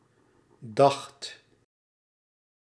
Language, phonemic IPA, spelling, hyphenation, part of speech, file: Dutch, /dɑx(t)/, dacht, dacht, verb, Nl-dacht.ogg
- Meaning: singular past indicative of denken